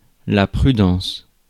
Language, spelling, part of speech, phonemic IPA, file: French, prudence, noun, /pʁy.dɑ̃s/, Fr-prudence.ogg
- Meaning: prudence, caution, care